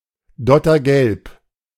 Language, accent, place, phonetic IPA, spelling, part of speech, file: German, Germany, Berlin, [ˈdɔtɐˌɡɛlp], dottergelb, adjective, De-dottergelb.ogg
- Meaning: yolk-yellow